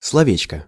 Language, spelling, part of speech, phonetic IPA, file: Russian, словечко, noun, [sɫɐˈvʲet͡ɕkə], Ru-словечко.ogg
- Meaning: diminutive of сло́во (slóvo): word